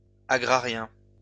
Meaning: agrarian
- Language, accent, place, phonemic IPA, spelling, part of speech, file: French, France, Lyon, /a.ɡʁa.ʁjɛ̃/, agrarien, adjective, LL-Q150 (fra)-agrarien.wav